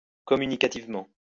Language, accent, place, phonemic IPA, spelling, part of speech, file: French, France, Lyon, /kɔ.my.ni.ka.tiv.mɑ̃/, communicativement, adverb, LL-Q150 (fra)-communicativement.wav
- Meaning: communicatively